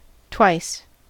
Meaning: 1. Two times 2. Doubled in quantity, intensity, or degree
- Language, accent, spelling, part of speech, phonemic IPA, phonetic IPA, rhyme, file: English, US, twice, adverb, /twaɪs/, [tw̥aɪs], -aɪs, En-us-twice.ogg